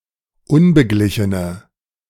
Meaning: inflection of unbeglichen: 1. strong/mixed nominative/accusative feminine singular 2. strong nominative/accusative plural 3. weak nominative all-gender singular
- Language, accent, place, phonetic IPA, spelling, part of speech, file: German, Germany, Berlin, [ˈʊnbəˌɡlɪçənə], unbeglichene, adjective, De-unbeglichene.ogg